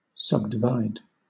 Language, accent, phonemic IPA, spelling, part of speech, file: English, Southern England, /ˌsʌb.dɪˈvaɪd/, subdivide, verb, LL-Q1860 (eng)-subdivide.wav
- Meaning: 1. To divide into smaller sections 2. To divide into smaller sections.: To divide a plot of land into plots for residences; to convert open land into housing